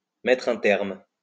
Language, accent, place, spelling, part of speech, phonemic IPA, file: French, France, Lyon, mettre un terme, verb, /mɛ.tʁ‿œ̃ tɛʁm/, LL-Q150 (fra)-mettre un terme.wav
- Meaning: to put an end to, to put a stop to, to clamp down on